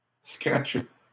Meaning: to scratch, to make a scratch
- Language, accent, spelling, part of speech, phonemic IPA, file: French, Canada, scratcher, verb, /skʁat.ʃe/, LL-Q150 (fra)-scratcher.wav